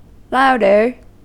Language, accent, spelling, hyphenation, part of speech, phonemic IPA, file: English, US, louder, loud‧er, adjective, /ˈlaʊdɚ/, En-us-louder.ogg
- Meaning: comparative form of loud: more loud